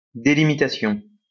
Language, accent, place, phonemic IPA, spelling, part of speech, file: French, France, Lyon, /de.li.mi.ta.sjɔ̃/, délimitation, noun, LL-Q150 (fra)-délimitation.wav
- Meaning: 1. delimitation 2. demarcation